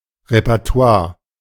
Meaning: repertoire
- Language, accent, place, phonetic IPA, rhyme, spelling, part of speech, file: German, Germany, Berlin, [ʁepɛʁˈto̯aːɐ̯], -aːɐ̯, Repertoire, noun, De-Repertoire.ogg